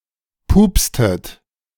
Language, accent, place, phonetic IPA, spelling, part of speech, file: German, Germany, Berlin, [ˈpuːpstət], pupstet, verb, De-pupstet.ogg
- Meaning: inflection of pupsen: 1. second-person plural preterite 2. second-person plural subjunctive II